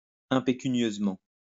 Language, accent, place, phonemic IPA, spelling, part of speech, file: French, France, Lyon, /ɛ̃.pe.ky.njøz.mɑ̃/, impécunieusement, adverb, LL-Q150 (fra)-impécunieusement.wav
- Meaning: impecuniously